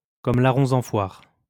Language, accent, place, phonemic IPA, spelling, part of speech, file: French, France, Lyon, /kɔm la.ʁɔ̃ ɑ̃ fwaʁ/, comme larrons en foire, prepositional phrase, LL-Q150 (fra)-comme larrons en foire.wav
- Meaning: as thick as thieves